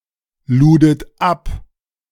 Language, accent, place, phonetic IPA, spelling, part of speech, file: German, Germany, Berlin, [ˌluːdət ˈap], ludet ab, verb, De-ludet ab.ogg
- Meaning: second-person plural preterite of abladen